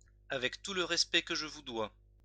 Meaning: with due respect, with all due respect
- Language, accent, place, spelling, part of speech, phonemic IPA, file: French, France, Lyon, avec tout le respect que je vous dois, adverb, /a.vɛk tu l(ə) ʁɛs.pɛ kə ʒ(ə) vu dwa/, LL-Q150 (fra)-avec tout le respect que je vous dois.wav